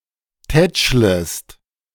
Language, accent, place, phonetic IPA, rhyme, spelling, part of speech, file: German, Germany, Berlin, [ˈtɛt͡ʃləst], -ɛt͡ʃləst, tätschlest, verb, De-tätschlest.ogg
- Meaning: second-person singular subjunctive I of tätscheln